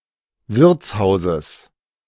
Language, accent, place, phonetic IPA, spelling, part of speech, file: German, Germany, Berlin, [ˈvɪʁt͡sˌhaʊ̯zəs], Wirtshauses, noun, De-Wirtshauses.ogg
- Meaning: genitive singular of Wirtshaus